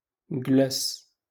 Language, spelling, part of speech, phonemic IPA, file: Moroccan Arabic, جلس, verb, /ɡlas/, LL-Q56426 (ary)-جلس.wav
- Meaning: to sit down